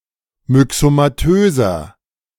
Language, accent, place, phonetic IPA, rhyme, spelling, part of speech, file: German, Germany, Berlin, [mʏksomaˈtøːzɐ], -øːzɐ, myxomatöser, adjective, De-myxomatöser.ogg
- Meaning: inflection of myxomatös: 1. strong/mixed nominative masculine singular 2. strong genitive/dative feminine singular 3. strong genitive plural